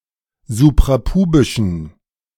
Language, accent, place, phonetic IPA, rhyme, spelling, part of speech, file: German, Germany, Berlin, [zupʁaˈpuːbɪʃn̩], -uːbɪʃn̩, suprapubischen, adjective, De-suprapubischen.ogg
- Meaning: inflection of suprapubisch: 1. strong genitive masculine/neuter singular 2. weak/mixed genitive/dative all-gender singular 3. strong/weak/mixed accusative masculine singular 4. strong dative plural